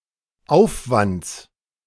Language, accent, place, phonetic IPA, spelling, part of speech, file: German, Germany, Berlin, [ˈaʊ̯fvant͡s], Aufwands, noun, De-Aufwands.ogg
- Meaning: genitive singular of Aufwand